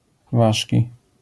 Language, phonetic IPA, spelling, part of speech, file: Polish, [ˈvaʃʲci], ważki, adjective / noun, LL-Q809 (pol)-ważki.wav